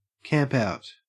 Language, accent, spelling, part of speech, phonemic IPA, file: English, Australia, campout, noun, /ˈkæmp(ˌ)aʊt/, En-au-campout.ogg
- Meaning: A gathering or event at which people sleep outdoors or camp